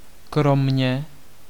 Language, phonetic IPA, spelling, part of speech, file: Czech, [ˈkromɲɛ], kromě, preposition, Cs-kromě.ogg
- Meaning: except, but